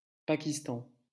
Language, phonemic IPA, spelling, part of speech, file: French, /pa.kis.tɑ̃/, Pakistan, proper noun, LL-Q150 (fra)-Pakistan.wav
- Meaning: Pakistan (a country in South Asia)